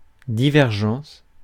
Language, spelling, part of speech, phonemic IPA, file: French, divergence, noun, /di.vɛʁ.ʒɑ̃s/, Fr-divergence.ogg
- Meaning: divergence